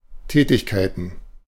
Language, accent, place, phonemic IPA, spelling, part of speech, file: German, Germany, Berlin, /ˈtɛːtɪçˌkaɪ̯tən/, Tätigkeiten, noun, De-Tätigkeiten.ogg
- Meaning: plural of Tätigkeit